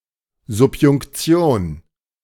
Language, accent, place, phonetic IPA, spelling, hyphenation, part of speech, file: German, Germany, Berlin, [zʊpjʊŋkˈt͡si̯oːn], Subjunktion, Sub‧junk‧ti‧on, noun, De-Subjunktion.ogg
- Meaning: subordinating conjunction